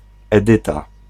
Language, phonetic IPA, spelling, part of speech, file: Polish, [ɛˈdɨta], Edyta, proper noun, Pl-Edyta.ogg